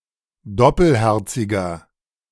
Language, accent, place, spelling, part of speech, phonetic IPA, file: German, Germany, Berlin, doppelherziger, adjective, [ˈdɔpəlˌhɛʁt͡sɪɡɐ], De-doppelherziger.ogg
- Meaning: inflection of doppelherzig: 1. strong/mixed nominative masculine singular 2. strong genitive/dative feminine singular 3. strong genitive plural